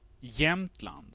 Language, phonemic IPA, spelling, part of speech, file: Swedish, /ˈjɛmtˌland/, Jämtland, proper noun, Sv-Jämtland.ogg
- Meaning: a province and county in central Sweden